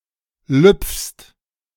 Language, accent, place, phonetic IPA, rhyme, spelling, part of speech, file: German, Germany, Berlin, [lʏp͡fst], -ʏp͡fst, lüpfst, verb, De-lüpfst.ogg
- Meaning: second-person singular present of lüpfen